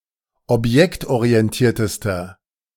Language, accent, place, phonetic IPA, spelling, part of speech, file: German, Germany, Berlin, [ɔpˈjɛktʔoʁiɛnˌtiːɐ̯təstɐ], objektorientiertester, adjective, De-objektorientiertester.ogg
- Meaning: inflection of objektorientiert: 1. strong/mixed nominative masculine singular superlative degree 2. strong genitive/dative feminine singular superlative degree